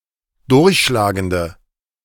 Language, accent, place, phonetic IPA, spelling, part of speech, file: German, Germany, Berlin, [ˈdʊʁçʃlaːɡəndə], durchschlagende, adjective, De-durchschlagende.ogg
- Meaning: inflection of durchschlagend: 1. strong/mixed nominative/accusative feminine singular 2. strong nominative/accusative plural 3. weak nominative all-gender singular